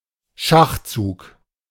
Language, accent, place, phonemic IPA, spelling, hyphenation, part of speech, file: German, Germany, Berlin, /ˈʃaχt͡suːk/, Schachzug, Schach‧zug, noun, De-Schachzug.ogg
- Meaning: 1. move 2. move, stratagem